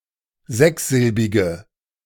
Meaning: inflection of sechssilbig: 1. strong/mixed nominative/accusative feminine singular 2. strong nominative/accusative plural 3. weak nominative all-gender singular
- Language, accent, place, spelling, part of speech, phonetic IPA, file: German, Germany, Berlin, sechssilbige, adjective, [ˈzɛksˌzɪlbɪɡə], De-sechssilbige.ogg